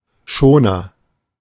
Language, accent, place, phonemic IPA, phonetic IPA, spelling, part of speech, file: German, Germany, Berlin, /ˈʃoːnər/, [ˈʃoː.nɐ], Schoner, noun, De-Schoner.ogg
- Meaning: 1. a covering (or other device) by which something is protected 2. schooner (kind of sailing ship)